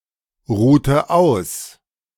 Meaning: inflection of ausruhen: 1. first/third-person singular preterite 2. first/third-person singular subjunctive II
- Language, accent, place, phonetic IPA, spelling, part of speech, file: German, Germany, Berlin, [ˌʁuːtə ˈaʊ̯s], ruhte aus, verb, De-ruhte aus.ogg